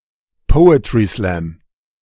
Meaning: misspelling of Poetry-Slam
- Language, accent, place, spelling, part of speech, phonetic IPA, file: German, Germany, Berlin, Poetry Slam, phrase, [ˈpɔʊ̯ətʁi slɛm], De-Poetry Slam.ogg